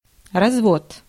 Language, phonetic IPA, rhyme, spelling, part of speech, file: Russian, [rɐzˈvot], -ot, развод, noun, Ru-развод.ogg
- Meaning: 1. divorce 2. opening, raising, swinging open 3. relief, mounting, posting 4. breeding 5. free designs, broad pattern 6. streaks, stains 7. scam, cheating 8. hoaxing; making a practical joke